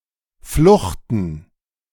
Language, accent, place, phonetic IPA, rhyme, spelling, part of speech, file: German, Germany, Berlin, [ˈflʊxtn̩], -ʊxtn̩, Fluchten, noun, De-Fluchten.ogg
- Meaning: plural of Flucht